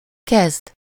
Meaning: 1. to begin, start (to initiate or take the first step into something) 2. to do something with something (meaningfully, with purpose), use something (-val/-vel) (usually used with mit or mihez)
- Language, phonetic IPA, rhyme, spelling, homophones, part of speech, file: Hungarian, [ˈkɛzd], -ɛzd, kezd, kezdd, verb, Hu-kezd.ogg